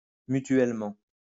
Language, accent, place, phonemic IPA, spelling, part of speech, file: French, France, Lyon, /my.tɥɛl.mɑ̃/, mutuellement, adverb, LL-Q150 (fra)-mutuellement.wav
- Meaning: reciprocally; to each other